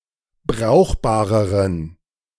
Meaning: inflection of brauchbar: 1. strong genitive masculine/neuter singular comparative degree 2. weak/mixed genitive/dative all-gender singular comparative degree
- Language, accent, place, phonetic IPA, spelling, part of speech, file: German, Germany, Berlin, [ˈbʁaʊ̯xbaːʁəʁən], brauchbareren, adjective, De-brauchbareren.ogg